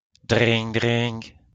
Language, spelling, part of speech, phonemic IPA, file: French, dring, interjection, /dʁiŋ/, LL-Q150 (fra)-dring.wav
- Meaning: brrr, whirr (a whirring sound, such as that of a machine)